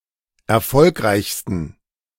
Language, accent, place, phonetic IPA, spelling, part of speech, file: German, Germany, Berlin, [ɛɐ̯ˈfɔlkʁaɪ̯çstn̩], erfolgreichsten, adjective, De-erfolgreichsten.ogg
- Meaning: 1. superlative degree of erfolgreich 2. inflection of erfolgreich: strong genitive masculine/neuter singular superlative degree